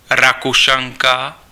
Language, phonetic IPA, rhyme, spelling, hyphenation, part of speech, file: Czech, [ˈrakuʃaŋka], -aŋka, Rakušanka, Ra‧ku‧šan‧ka, noun, Cs-Rakušanka.ogg
- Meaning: female Austrian